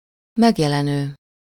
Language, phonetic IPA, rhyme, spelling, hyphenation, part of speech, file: Hungarian, [ˈmɛɡjɛlɛnøː], -nøː, megjelenő, meg‧je‧le‧nő, verb / adjective, Hu-megjelenő.ogg
- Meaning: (verb) present participle of megjelenik; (adjective) 1. appearing, visible, shown (that becomes visible) 2. published